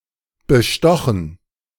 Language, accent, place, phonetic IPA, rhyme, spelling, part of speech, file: German, Germany, Berlin, [bəˈʃtɔxn̩], -ɔxn̩, bestochen, verb, De-bestochen.ogg
- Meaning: past participle of bestechen